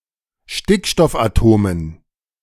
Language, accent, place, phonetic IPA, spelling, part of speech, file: German, Germany, Berlin, [ˈʃtɪkʃtɔfʔaˌtoːmən], Stickstoffatomen, noun, De-Stickstoffatomen.ogg
- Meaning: dative plural of Stickstoffatom